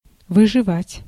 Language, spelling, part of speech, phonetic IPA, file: Russian, выживать, verb, [vɨʐɨˈvatʲ], Ru-выживать.ogg
- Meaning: 1. to survive (continue to live) 2. to make someone leave (apartment, work or study place) by making their stay miserable or inconvenient, to squeeze